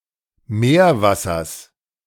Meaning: genitive singular of Meerwasser
- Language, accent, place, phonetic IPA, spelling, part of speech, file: German, Germany, Berlin, [ˈmeːɐ̯ˌvasɐs], Meerwassers, noun, De-Meerwassers.ogg